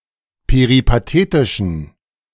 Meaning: inflection of peripatetisch: 1. strong genitive masculine/neuter singular 2. weak/mixed genitive/dative all-gender singular 3. strong/weak/mixed accusative masculine singular 4. strong dative plural
- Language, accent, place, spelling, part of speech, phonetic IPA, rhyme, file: German, Germany, Berlin, peripatetischen, adjective, [peʁipaˈteːtɪʃn̩], -eːtɪʃn̩, De-peripatetischen.ogg